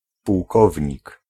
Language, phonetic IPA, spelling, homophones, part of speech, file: Polish, [puwˈkɔvʲɲik], pułkownik, półkownik, noun, Pl-pułkownik.ogg